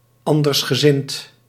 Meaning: dissident, dissenting, having a different mindset
- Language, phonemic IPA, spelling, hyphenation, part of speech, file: Dutch, /ˌɑn.dərs.xəˈzɪnt/, andersgezind, an‧ders‧ge‧zind, adjective, Nl-andersgezind.ogg